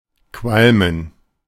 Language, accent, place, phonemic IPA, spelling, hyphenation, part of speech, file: German, Germany, Berlin, /ˈkvalmən/, qualmen, qual‧men, verb, De-qualmen.ogg
- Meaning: 1. to fume 2. to smoke